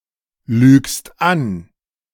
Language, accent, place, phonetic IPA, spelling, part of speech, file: German, Germany, Berlin, [ˌlyːkst ˈan], lügst an, verb, De-lügst an.ogg
- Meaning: second-person singular present of anlügen